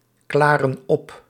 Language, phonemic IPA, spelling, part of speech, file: Dutch, /ˈklarə(n) ˈɔp/, klaren op, verb, Nl-klaren op.ogg
- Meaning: inflection of opklaren: 1. plural present indicative 2. plural present subjunctive